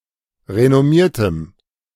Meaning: strong dative masculine/neuter singular of renommiert
- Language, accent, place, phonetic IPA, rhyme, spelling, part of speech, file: German, Germany, Berlin, [ʁenɔˈmiːɐ̯təm], -iːɐ̯təm, renommiertem, adjective, De-renommiertem.ogg